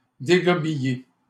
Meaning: to throw up, puke
- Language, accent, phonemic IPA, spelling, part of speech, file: French, Canada, /de.ɡɔ.bi.je/, dégobiller, verb, LL-Q150 (fra)-dégobiller.wav